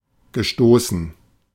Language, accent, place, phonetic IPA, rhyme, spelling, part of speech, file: German, Germany, Berlin, [ɡəˈʃtoːsn̩], -oːsn̩, gestoßen, verb, De-gestoßen.ogg
- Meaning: past participle of stoßen